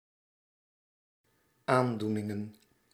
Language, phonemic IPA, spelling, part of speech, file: Dutch, /ˈandunɪŋə(n)/, aandoeningen, noun, Nl-aandoeningen.ogg
- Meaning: plural of aandoening